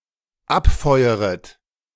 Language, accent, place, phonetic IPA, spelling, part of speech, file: German, Germany, Berlin, [ˈapˌfɔɪ̯əʁət], abfeueret, verb, De-abfeueret.ogg
- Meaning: second-person plural dependent subjunctive I of abfeuern